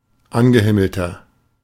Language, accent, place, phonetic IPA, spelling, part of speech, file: German, Germany, Berlin, [ˈanɡəˌhɪml̩tɐ], angehimmelter, adjective, De-angehimmelter.ogg
- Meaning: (adjective) 1. comparative degree of angehimmelt 2. inflection of angehimmelt: strong/mixed nominative masculine singular 3. inflection of angehimmelt: strong genitive/dative feminine singular